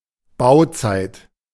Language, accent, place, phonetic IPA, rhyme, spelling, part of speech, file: German, Germany, Berlin, [ˈbaʊ̯ˌt͡saɪ̯t], -aʊ̯t͡saɪ̯t, Bauzeit, noun, De-Bauzeit.ogg
- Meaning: building / construction time